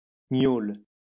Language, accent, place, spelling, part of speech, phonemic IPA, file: French, France, Lyon, gnôle, noun, /ɲol/, LL-Q150 (fra)-gnôle.wav
- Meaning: hooch